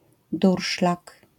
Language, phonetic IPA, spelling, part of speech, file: Polish, [ˈdurʃlak], durszlak, noun, LL-Q809 (pol)-durszlak.wav